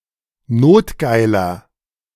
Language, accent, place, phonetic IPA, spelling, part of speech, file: German, Germany, Berlin, [ˈnoːtˌɡaɪ̯lɐ], notgeiler, adjective, De-notgeiler.ogg
- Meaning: 1. comparative degree of notgeil 2. inflection of notgeil: strong/mixed nominative masculine singular 3. inflection of notgeil: strong genitive/dative feminine singular